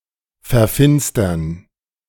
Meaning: to eclipse
- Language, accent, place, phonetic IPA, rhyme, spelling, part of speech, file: German, Germany, Berlin, [fɛɐ̯ˈfɪnstɐn], -ɪnstɐn, verfinstern, verb, De-verfinstern.ogg